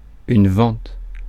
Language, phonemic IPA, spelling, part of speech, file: French, /vɑ̃t/, vente, noun / verb, Fr-vente.ogg
- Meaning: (noun) sale; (verb) first-person singular present indicative/subjunctive of venter